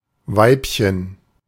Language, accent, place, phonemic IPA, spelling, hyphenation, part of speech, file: German, Germany, Berlin, /ˈvaɪ̯pçən/, Weibchen, Weib‧chen, noun, De-Weibchen.ogg
- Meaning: 1. diminutive of Weib 2. female (of an animal)